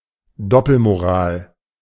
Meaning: 1. double standard 2. hypocrisy
- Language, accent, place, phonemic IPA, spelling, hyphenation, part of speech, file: German, Germany, Berlin, /ˈdɔpəlmoˌʁaːl/, Doppelmoral, Dop‧pel‧mo‧ral, noun, De-Doppelmoral.ogg